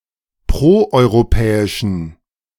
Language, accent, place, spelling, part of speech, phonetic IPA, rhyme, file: German, Germany, Berlin, proeuropäischen, adjective, [ˌpʁoʔɔɪ̯ʁoˈpɛːɪʃn̩], -ɛːɪʃn̩, De-proeuropäischen.ogg
- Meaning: inflection of proeuropäisch: 1. strong genitive masculine/neuter singular 2. weak/mixed genitive/dative all-gender singular 3. strong/weak/mixed accusative masculine singular 4. strong dative plural